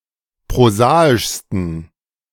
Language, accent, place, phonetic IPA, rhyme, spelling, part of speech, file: German, Germany, Berlin, [pʁoˈzaːɪʃstn̩], -aːɪʃstn̩, prosaischsten, adjective, De-prosaischsten.ogg
- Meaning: 1. superlative degree of prosaisch 2. inflection of prosaisch: strong genitive masculine/neuter singular superlative degree